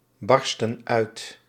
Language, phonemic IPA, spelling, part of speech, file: Dutch, /ˈbɑrstə(n) ˈœyt/, barsten uit, verb, Nl-barsten uit.ogg
- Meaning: inflection of uitbarsten: 1. plural present indicative 2. plural present subjunctive